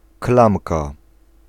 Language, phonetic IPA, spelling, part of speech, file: Polish, [ˈklãmka], klamka, noun, Pl-klamka.ogg